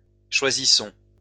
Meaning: inflection of choisir: 1. first-person plural present indicative 2. first-person plural imperative
- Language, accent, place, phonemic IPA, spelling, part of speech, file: French, France, Lyon, /ʃwa.zi.sɔ̃/, choisissons, verb, LL-Q150 (fra)-choisissons.wav